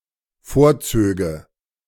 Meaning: first/third-person singular dependent subjunctive II of vorziehen
- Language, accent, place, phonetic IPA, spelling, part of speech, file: German, Germany, Berlin, [ˈfoːɐ̯ˌt͡søːɡə], vorzöge, verb, De-vorzöge.ogg